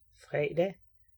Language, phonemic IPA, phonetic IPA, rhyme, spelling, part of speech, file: Danish, /ˈfreːˀda/, [ˈfʁɛ̝(j)ˀd̥æ], -a, fredag, noun, Da-fredag.ogg
- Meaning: Friday